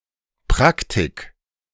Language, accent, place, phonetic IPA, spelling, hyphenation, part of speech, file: German, Germany, Berlin, [ˈpʁaktik], Praktik, Prak‧tik, noun, De-Praktik.ogg
- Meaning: 1. practice, method, procedure 2. practice, habit, custom